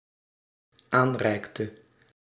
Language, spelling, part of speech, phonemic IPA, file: Dutch, aanreikte, verb, /ˈanrɛiktə/, Nl-aanreikte.ogg
- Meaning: inflection of aanreiken: 1. singular dependent-clause past indicative 2. singular dependent-clause past subjunctive